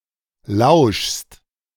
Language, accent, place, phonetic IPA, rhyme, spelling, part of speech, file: German, Germany, Berlin, [laʊ̯ʃst], -aʊ̯ʃst, lauschst, verb, De-lauschst.ogg
- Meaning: second-person singular present of lauschen